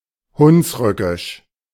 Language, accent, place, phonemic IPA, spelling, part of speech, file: German, Germany, Berlin, /ˈhʊnsˌʁʏkɪʃ/, hunsrückisch, adjective, De-hunsrückisch.ogg
- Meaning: Hunsrückisch